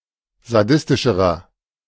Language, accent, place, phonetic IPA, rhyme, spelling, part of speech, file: German, Germany, Berlin, [zaˈdɪstɪʃəʁɐ], -ɪstɪʃəʁɐ, sadistischerer, adjective, De-sadistischerer.ogg
- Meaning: inflection of sadistisch: 1. strong/mixed nominative masculine singular comparative degree 2. strong genitive/dative feminine singular comparative degree 3. strong genitive plural comparative degree